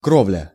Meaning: 1. roofing, roof covering, rooftop (the outer surface of a roof) 2. roof
- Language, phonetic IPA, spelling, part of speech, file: Russian, [ˈkrovlʲə], кровля, noun, Ru-кровля.ogg